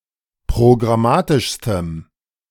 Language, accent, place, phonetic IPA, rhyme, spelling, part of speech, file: German, Germany, Berlin, [pʁoɡʁaˈmaːtɪʃstəm], -aːtɪʃstəm, programmatischstem, adjective, De-programmatischstem.ogg
- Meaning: strong dative masculine/neuter singular superlative degree of programmatisch